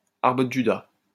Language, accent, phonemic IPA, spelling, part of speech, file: French, France, /aʁ.bʁə d(ə) ʒy.da/, arbre de Judas, noun, LL-Q150 (fra)-arbre de Judas.wav
- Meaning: Judas tree